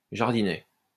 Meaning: small garden; shrubbery
- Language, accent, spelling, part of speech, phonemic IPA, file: French, France, jardinet, noun, /ʒaʁ.di.nɛ/, LL-Q150 (fra)-jardinet.wav